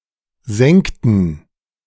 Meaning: inflection of senken: 1. first/third-person plural preterite 2. first/third-person plural subjunctive II
- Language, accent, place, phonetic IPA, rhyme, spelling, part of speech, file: German, Germany, Berlin, [ˈzɛŋktn̩], -ɛŋktn̩, senkten, verb, De-senkten.ogg